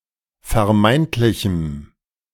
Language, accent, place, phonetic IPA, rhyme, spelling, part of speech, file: German, Germany, Berlin, [fɛɐ̯ˈmaɪ̯ntlɪçm̩], -aɪ̯ntlɪçm̩, vermeintlichem, adjective, De-vermeintlichem.ogg
- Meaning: strong dative masculine/neuter singular of vermeintlich